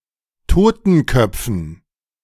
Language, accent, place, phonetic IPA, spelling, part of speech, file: German, Germany, Berlin, [ˈtoːtn̩ˌkœp͡fn̩], Totenköpfen, noun, De-Totenköpfen.ogg
- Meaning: dative plural of Totenkopf